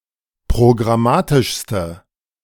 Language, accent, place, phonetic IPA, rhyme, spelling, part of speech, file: German, Germany, Berlin, [pʁoɡʁaˈmaːtɪʃstə], -aːtɪʃstə, programmatischste, adjective, De-programmatischste.ogg
- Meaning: inflection of programmatisch: 1. strong/mixed nominative/accusative feminine singular superlative degree 2. strong nominative/accusative plural superlative degree